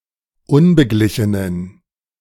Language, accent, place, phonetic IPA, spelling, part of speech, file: German, Germany, Berlin, [ˈʊnbəˌɡlɪçənən], unbeglichenen, adjective, De-unbeglichenen.ogg
- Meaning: inflection of unbeglichen: 1. strong genitive masculine/neuter singular 2. weak/mixed genitive/dative all-gender singular 3. strong/weak/mixed accusative masculine singular 4. strong dative plural